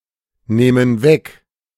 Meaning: first/third-person plural subjunctive II of wegnehmen
- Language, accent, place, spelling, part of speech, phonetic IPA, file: German, Germany, Berlin, nähmen weg, verb, [ˌnɛːmən ˈvɛk], De-nähmen weg.ogg